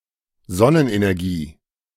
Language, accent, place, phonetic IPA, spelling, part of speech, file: German, Germany, Berlin, [ˈzɔnənʔenɛʁˌɡiː], Sonnenenergie, noun, De-Sonnenenergie.ogg
- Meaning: solar energy